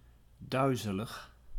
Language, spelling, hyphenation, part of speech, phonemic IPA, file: Dutch, duizelig, dui‧ze‧lig, adjective, /ˈdœy̯.zə.ləx/, Nl-duizelig.ogg
- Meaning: dizzy, experiencing equilibrium-trouble